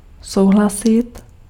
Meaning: to agree
- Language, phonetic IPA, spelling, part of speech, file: Czech, [ˈsou̯ɦlasɪt], souhlasit, verb, Cs-souhlasit.ogg